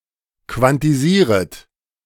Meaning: second-person plural subjunctive I of quantisieren
- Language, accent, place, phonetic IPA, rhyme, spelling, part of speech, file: German, Germany, Berlin, [kvantiˈziːʁət], -iːʁət, quantisieret, verb, De-quantisieret.ogg